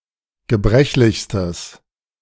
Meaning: strong/mixed nominative/accusative neuter singular superlative degree of gebrechlich
- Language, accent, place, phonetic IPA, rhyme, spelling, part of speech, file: German, Germany, Berlin, [ɡəˈbʁɛçlɪçstəs], -ɛçlɪçstəs, gebrechlichstes, adjective, De-gebrechlichstes.ogg